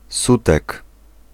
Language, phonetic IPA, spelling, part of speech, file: Polish, [ˈsutɛk], sutek, noun, Pl-sutek.ogg